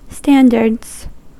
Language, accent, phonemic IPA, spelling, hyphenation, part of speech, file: English, US, /ˈstændɚdz/, standards, stan‧dards, noun, En-us-standards.ogg
- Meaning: 1. plural of standard 2. Principles of conduct shaped by one's ideas of morality, decency and honor